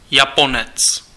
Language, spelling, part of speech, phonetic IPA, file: Czech, Japonec, noun, [ˈjaponɛt͡s], Cs-Japonec.ogg
- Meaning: Japanese (person)